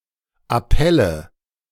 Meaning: nominative/accusative/genitive plural of Appell
- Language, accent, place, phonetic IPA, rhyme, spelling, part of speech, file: German, Germany, Berlin, [aˈpɛlə], -ɛlə, Appelle, noun, De-Appelle.ogg